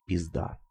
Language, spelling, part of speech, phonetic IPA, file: Russian, пизда, noun, [pʲɪzˈda], Ru-Pizda.ogg
- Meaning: 1. pussy, cunt, twat 2. woman, bitch, ho 3. bad situation